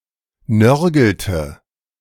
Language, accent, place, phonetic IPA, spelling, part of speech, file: German, Germany, Berlin, [ˈnœʁɡl̩tə], nörgelte, verb, De-nörgelte.ogg
- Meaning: inflection of nörgeln: 1. first/third-person singular preterite 2. first/third-person singular subjunctive II